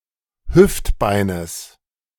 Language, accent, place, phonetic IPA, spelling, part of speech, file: German, Germany, Berlin, [ˈhʏftˌbaɪ̯nəs], Hüftbeines, noun, De-Hüftbeines.ogg
- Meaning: genitive of Hüftbein